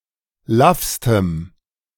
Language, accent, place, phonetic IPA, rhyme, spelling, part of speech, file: German, Germany, Berlin, [ˈlafstəm], -afstəm, laffstem, adjective, De-laffstem.ogg
- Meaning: strong dative masculine/neuter singular superlative degree of laff